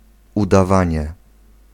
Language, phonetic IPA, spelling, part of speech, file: Polish, [ˌudaˈvãɲɛ], udawanie, noun, Pl-udawanie.ogg